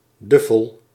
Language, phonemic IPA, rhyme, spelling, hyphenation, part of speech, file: Dutch, /ˈdʏ.fəl/, -ʏfəl, Duffel, Duf‧fel, proper noun, Nl-Duffel.ogg
- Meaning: a small town in Belgium